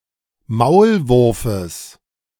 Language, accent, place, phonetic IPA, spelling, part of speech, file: German, Germany, Berlin, [ˈmaʊ̯lˌvʊʁfəs], Maulwurfes, noun, De-Maulwurfes.ogg
- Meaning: genitive singular of Maulwurf